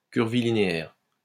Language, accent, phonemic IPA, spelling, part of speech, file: French, France, /kyʁ.vi.li.ne.ɛʁ/, curvilinéaire, adjective, LL-Q150 (fra)-curvilinéaire.wav
- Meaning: curvilinear